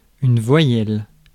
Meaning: vowel
- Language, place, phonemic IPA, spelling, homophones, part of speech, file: French, Paris, /vwa.jɛl/, voyelle, voyelles, noun, Fr-voyelle.ogg